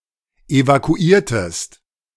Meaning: inflection of evakuieren: 1. second-person singular preterite 2. second-person singular subjunctive II
- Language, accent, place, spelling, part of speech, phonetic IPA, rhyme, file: German, Germany, Berlin, evakuiertest, verb, [evakuˈiːɐ̯təst], -iːɐ̯təst, De-evakuiertest.ogg